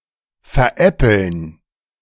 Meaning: to kid someone, to have someone on
- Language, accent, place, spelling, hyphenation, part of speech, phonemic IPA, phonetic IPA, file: German, Germany, Berlin, veräppeln, ver‧äp‧peln, verb, /fɛʁˈʔɛpəln/, [fɛɐ̯ˈʔɛpl̩n], De-veräppeln.ogg